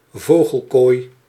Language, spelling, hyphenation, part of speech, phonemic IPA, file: Dutch, vogelkooi, vo‧gel‧kooi, noun, /ˈvoː.ɣəlˌkoːi̯/, Nl-vogelkooi.ogg
- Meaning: a birdcage